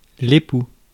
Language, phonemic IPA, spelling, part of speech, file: French, /e.pu/, époux, noun, Fr-époux.ogg
- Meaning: 1. spouse 2. male spouse, husband